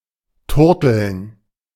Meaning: 1. to coo 2. to flirt
- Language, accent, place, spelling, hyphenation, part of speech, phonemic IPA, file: German, Germany, Berlin, turteln, tur‧teln, verb, /ˈtʊʁtl̩n/, De-turteln.ogg